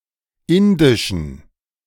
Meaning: inflection of indisch: 1. strong genitive masculine/neuter singular 2. weak/mixed genitive/dative all-gender singular 3. strong/weak/mixed accusative masculine singular 4. strong dative plural
- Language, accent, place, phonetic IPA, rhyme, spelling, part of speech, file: German, Germany, Berlin, [ˈɪndɪʃn̩], -ɪndɪʃn̩, indischen, adjective, De-indischen.ogg